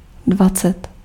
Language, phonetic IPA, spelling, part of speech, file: Czech, [ˈdvat͡sɛt], dvacet, numeral, Cs-dvacet.ogg
- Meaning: twenty